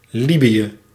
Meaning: Libya (a country in North Africa)
- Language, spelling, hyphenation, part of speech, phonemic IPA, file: Dutch, Libië, Li‧bië, proper noun, /ˈlibi(j)ə/, Nl-Libië.ogg